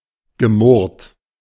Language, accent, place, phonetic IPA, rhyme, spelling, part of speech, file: German, Germany, Berlin, [ɡəˈmʊʁt], -ʊʁt, gemurrt, verb, De-gemurrt.ogg
- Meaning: past participle of murren